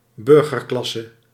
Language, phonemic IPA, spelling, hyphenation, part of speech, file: Dutch, /ˈbʏr.ɣərˌklɑ.sə/, burgerklasse, bur‧ger‧klas‧se, noun, Nl-burgerklasse.ogg
- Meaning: bourgeoisie